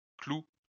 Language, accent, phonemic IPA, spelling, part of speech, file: French, France, /klu/, clous, noun, LL-Q150 (fra)-clous.wav
- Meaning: plural of clou